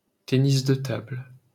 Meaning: table tennis
- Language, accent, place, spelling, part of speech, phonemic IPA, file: French, France, Paris, tennis de table, noun, /te.nis də tabl/, LL-Q150 (fra)-tennis de table.wav